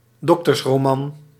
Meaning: a medical romance novel; also as a genre (subgenre of mummy porn; book in this genre)
- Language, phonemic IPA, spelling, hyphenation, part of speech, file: Dutch, /ˈdɔk.tərs.roːˌmɑn/, doktersroman, dok‧ters‧ro‧man, noun, Nl-doktersroman.ogg